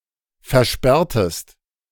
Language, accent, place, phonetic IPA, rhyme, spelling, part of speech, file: German, Germany, Berlin, [fɛɐ̯ˈʃpɛʁtəst], -ɛʁtəst, versperrtest, verb, De-versperrtest.ogg
- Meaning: inflection of versperren: 1. second-person singular preterite 2. second-person singular subjunctive II